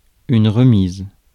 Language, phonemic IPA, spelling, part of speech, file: French, /ʁə.miz/, remise, verb / noun, Fr-remise.ogg
- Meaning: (verb) feminine singular of remis; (noun) 1. delivery, handing over; handover 2. remission; reduction 3. discount, reduction 4. shed, carriage house 5. deferment, postponement